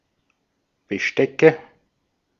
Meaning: nominative/accusative/genitive plural of Besteck
- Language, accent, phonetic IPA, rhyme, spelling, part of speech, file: German, Austria, [bəˈʃtɛkə], -ɛkə, Bestecke, noun, De-at-Bestecke.ogg